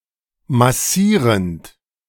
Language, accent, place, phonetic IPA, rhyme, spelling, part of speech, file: German, Germany, Berlin, [maˈsiːʁənt], -iːʁənt, massierend, verb, De-massierend.ogg
- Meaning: present participle of massieren